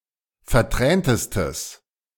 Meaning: strong/mixed nominative/accusative neuter singular superlative degree of vertränt
- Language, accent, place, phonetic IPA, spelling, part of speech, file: German, Germany, Berlin, [fɛɐ̯ˈtʁɛːntəstəs], verträntestes, adjective, De-verträntestes.ogg